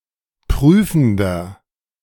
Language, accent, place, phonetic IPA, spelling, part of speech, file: German, Germany, Berlin, [ˈpʁyːfn̩dɐ], prüfender, adjective, De-prüfender.ogg
- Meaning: inflection of prüfend: 1. strong/mixed nominative masculine singular 2. strong genitive/dative feminine singular 3. strong genitive plural